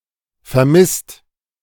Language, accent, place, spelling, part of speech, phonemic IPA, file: German, Germany, Berlin, vermisst, adjective / verb, /ferˈmɪst/, De-vermisst.ogg
- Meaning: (adjective) missing (of unknown whereabouts); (verb) 1. past participle of vermissen 2. inflection of vermissen: second/third-person singular present